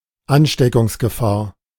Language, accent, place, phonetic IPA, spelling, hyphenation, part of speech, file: German, Germany, Berlin, [ˈanʃtɛkʊŋsɡəˌfaːɐ̯], Ansteckungsgefahr, An‧ste‧ckungs‧ge‧fahr, noun, De-Ansteckungsgefahr.ogg
- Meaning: risk of infection, danger of infection